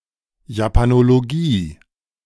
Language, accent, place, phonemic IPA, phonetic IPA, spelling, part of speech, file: German, Germany, Berlin, /japanoloˈɡiː/, [japʰanoloˈɡiː], Japanologie, noun, De-Japanologie.ogg
- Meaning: Japanese studies, Japanology